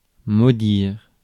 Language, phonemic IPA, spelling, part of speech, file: French, /mo.diʁ/, maudire, verb, Fr-maudire.ogg
- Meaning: to curse